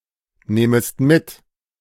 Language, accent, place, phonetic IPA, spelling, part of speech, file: German, Germany, Berlin, [ˌnɛːməst ˈmɪt], nähmest mit, verb, De-nähmest mit.ogg
- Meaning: second-person singular subjunctive II of mitnehmen